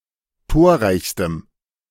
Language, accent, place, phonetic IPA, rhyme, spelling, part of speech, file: German, Germany, Berlin, [ˈtoːɐ̯ˌʁaɪ̯çstəm], -oːɐ̯ʁaɪ̯çstəm, torreichstem, adjective, De-torreichstem.ogg
- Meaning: strong dative masculine/neuter singular superlative degree of torreich